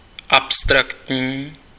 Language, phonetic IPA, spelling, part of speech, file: Czech, [ˈapstraktɲiː], abstraktní, adjective, Cs-abstraktní.ogg
- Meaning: abstract